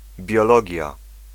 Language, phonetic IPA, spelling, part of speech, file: Polish, [bʲjɔˈlɔɟja], biologia, noun, Pl-biologia.ogg